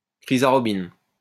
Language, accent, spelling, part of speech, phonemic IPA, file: French, France, chrysarobine, noun, /kʁi.za.ʁɔ.bin/, LL-Q150 (fra)-chrysarobine.wav
- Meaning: chrysarobin